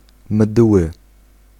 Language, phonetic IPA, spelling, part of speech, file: Polish, [mdwɨ], mdły, adjective, Pl-mdły.ogg